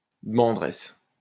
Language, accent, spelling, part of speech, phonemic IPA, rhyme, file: French, France, demanderesse, noun, /də.mɑ̃.dʁɛs/, -ɛs, LL-Q150 (fra)-demanderesse.wav
- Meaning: female equivalent of demandeur